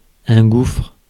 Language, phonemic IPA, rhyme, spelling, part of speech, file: French, /ɡufʁ/, -ufʁ, gouffre, noun, Fr-gouffre.ogg
- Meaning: 1. pit or shaft cave, pothole 2. chasm 3. money pit, drain on finances